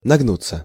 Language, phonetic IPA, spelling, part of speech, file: Russian, [nɐɡˈnut͡sːə], нагнуться, verb, Ru-нагнуться.ogg
- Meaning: 1. to stoop, to bend down, to bow 2. passive of нагну́ть (nagnútʹ)